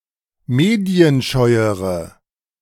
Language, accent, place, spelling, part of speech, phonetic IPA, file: German, Germany, Berlin, medienscheuere, adjective, [ˈmeːdi̯ənˌʃɔɪ̯əʁə], De-medienscheuere.ogg
- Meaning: inflection of medienscheu: 1. strong/mixed nominative/accusative feminine singular comparative degree 2. strong nominative/accusative plural comparative degree